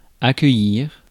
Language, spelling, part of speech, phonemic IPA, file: French, accueillir, verb, /a.kœ.jiʁ/, Fr-accueillir.ogg
- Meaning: 1. to welcome, to accommodate 2. to host